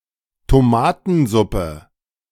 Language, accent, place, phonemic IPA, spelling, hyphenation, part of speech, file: German, Germany, Berlin, /toˈmaːtn̩ˌzʊpə/, Tomatensuppe, To‧ma‧ten‧sup‧pe, noun, De-Tomatensuppe.ogg
- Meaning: tomato soup